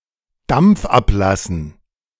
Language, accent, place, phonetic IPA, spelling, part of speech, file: German, Germany, Berlin, [damp͡f ˈapˌlasn̩], Dampf ablassen, phrase, De-Dampf ablassen.ogg
- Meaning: to blow off steam